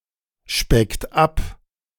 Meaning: inflection of abspecken: 1. third-person singular present 2. second-person plural present 3. plural imperative
- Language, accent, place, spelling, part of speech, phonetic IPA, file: German, Germany, Berlin, speckt ab, verb, [ˌʃpɛkt ˈap], De-speckt ab.ogg